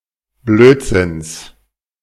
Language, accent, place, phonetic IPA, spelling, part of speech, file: German, Germany, Berlin, [ˈbløːtˌzɪns], Blödsinns, noun, De-Blödsinns.ogg
- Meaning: genitive singular of Blödsinn